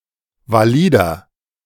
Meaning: inflection of valid: 1. strong/mixed nominative masculine singular 2. strong genitive/dative feminine singular 3. strong genitive plural
- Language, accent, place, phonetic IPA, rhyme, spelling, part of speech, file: German, Germany, Berlin, [vaˈliːdɐ], -iːdɐ, valider, adjective, De-valider.ogg